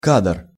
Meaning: 1. still, shot, frame 2. scene, shot (from a movie) 3. cadre
- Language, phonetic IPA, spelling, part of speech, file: Russian, [ˈkad(ə)r], кадр, noun, Ru-кадр.ogg